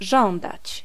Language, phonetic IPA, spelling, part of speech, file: Polish, [ˈʒɔ̃ndat͡ɕ], żądać, verb, Pl-żądać.ogg